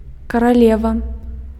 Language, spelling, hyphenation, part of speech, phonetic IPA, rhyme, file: Belarusian, каралева, ка‧ра‧ле‧ва, noun, [karaˈlʲeva], -eva, Be-каралева.ogg
- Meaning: 1. female equivalent of каро́ль (karólʹ): queen 2. queen (a woman who stands out something among other attitudes in which she is involved) 3. queen